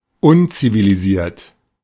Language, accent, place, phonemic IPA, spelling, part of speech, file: German, Germany, Berlin, /ˈʊnt͡siviliˌziːɐ̯t/, unzivilisiert, adjective, De-unzivilisiert.ogg
- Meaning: uncivilised